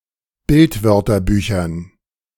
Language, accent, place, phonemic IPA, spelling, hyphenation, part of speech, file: German, Germany, Berlin, /ˈbɪltˌvœʁtɐbyːçɐn/, Bildwörterbüchern, Bild‧wör‧ter‧bü‧chern, noun, De-Bildwörterbüchern.ogg
- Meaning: dative plural of Bildwörterbuch